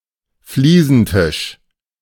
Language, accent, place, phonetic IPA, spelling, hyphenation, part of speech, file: German, Germany, Berlin, [ˈfliːzn̩ˌtɪʃ], Fliesentisch, Flie‧sen‧tisch, noun, De-Fliesentisch.ogg
- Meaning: table whose surface is made of tiles